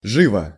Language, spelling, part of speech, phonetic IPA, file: Russian, живо, adverb / adjective / interjection, [ˈʐɨvə], Ru-живо.ogg
- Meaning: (adverb) 1. vividly, strikingly, keenly 2. with animation 3. quickly, promptly; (adjective) short neuter singular of живо́й (živój); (interjection) make haste!, be quick!